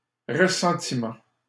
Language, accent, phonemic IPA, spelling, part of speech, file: French, Canada, /ʁə.sɑ̃.ti.mɑ̃/, ressentiment, noun, LL-Q150 (fra)-ressentiment.wav
- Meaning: ressentiment, resentment